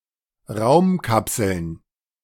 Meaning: plural of Raumkapsel
- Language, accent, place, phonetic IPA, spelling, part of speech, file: German, Germany, Berlin, [ˈʁaʊ̯mˌkapsl̩n], Raumkapseln, noun, De-Raumkapseln.ogg